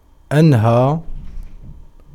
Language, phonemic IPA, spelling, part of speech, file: Arabic, /ʔan.haː/, أنهى, verb, Ar-أنهى.ogg
- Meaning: to end, to terminate, to finish